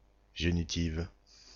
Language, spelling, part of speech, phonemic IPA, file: French, génitive, adjective, /ʒe.ni.tiv/, Génitive-FR.ogg
- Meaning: feminine singular of génitif